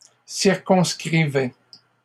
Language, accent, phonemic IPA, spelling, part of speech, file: French, Canada, /siʁ.kɔ̃s.kʁi.vɛ/, circonscrivaient, verb, LL-Q150 (fra)-circonscrivaient.wav
- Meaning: third-person plural imperfect indicative of circonscrire